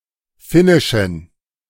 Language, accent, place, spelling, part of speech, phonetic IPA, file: German, Germany, Berlin, finnischen, adjective, [ˈfɪnɪʃn̩], De-finnischen.ogg
- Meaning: inflection of finnisch: 1. strong genitive masculine/neuter singular 2. weak/mixed genitive/dative all-gender singular 3. strong/weak/mixed accusative masculine singular 4. strong dative plural